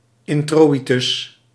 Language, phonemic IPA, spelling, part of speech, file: Dutch, /ˌɪnˈtroː.i.tʏs/, introïtus, noun, Nl-introïtus.ogg
- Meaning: introitus, introit